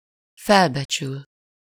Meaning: 1. to appraise, assess, estimate (to determine the monetary value or worth of something) 2. to appraise, consider, size up (to think about and estimate the role, significance, importance of something)
- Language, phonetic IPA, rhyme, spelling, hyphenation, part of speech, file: Hungarian, [ˈfɛlbɛt͡ʃyl], -yl, felbecsül, fel‧be‧csül, verb, Hu-felbecsül.ogg